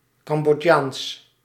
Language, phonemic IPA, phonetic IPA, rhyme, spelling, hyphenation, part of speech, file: Dutch, /kɑm.bɔˈtjaːns/, [ˌkɑm.bɔˈca(ː)ns], -aːns, Cambodjaans, Cam‧bod‧jaans, adjective, Nl-Cambodjaans.ogg
- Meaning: Cambodian